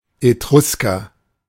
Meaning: Etruscan (man from Etruria)
- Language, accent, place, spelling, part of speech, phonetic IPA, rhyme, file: German, Germany, Berlin, Etrusker, noun, [eˈtʁʊskɐ], -ʊskɐ, De-Etrusker.ogg